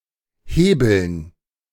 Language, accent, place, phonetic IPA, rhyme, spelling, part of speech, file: German, Germany, Berlin, [ˈheːbl̩n], -eːbl̩n, Hebeln, noun, De-Hebeln.ogg
- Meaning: dative plural of Hebel